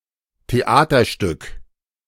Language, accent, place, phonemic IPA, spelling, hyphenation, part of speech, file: German, Germany, Berlin, /teˈʔaːtɐˌʃtʏk/, Theaterstück, The‧a‧ter‧stück, noun, De-Theaterstück.ogg
- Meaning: drama, piece, play (theatrical performance)